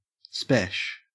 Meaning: special
- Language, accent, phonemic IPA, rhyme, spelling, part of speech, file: English, Australia, /spɛʃ/, -ɛʃ, spesh, adjective, En-au-spesh.ogg